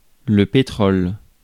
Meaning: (noun) 1. petroleum 2. oil 3. hydrocarbon; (verb) inflection of pétroler: 1. first/third-person singular present indicative/subjunctive 2. second-person singular imperative
- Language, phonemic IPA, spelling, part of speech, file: French, /pe.tʁɔl/, pétrole, noun / verb, Fr-pétrole.ogg